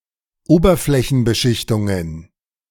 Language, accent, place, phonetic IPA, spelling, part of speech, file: German, Germany, Berlin, [ˈoːbɐflɛçn̩bəˌʃɪçtʊŋən], Oberflächenbeschichtungen, noun, De-Oberflächenbeschichtungen.ogg
- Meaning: plural of Oberflächenbeschichtung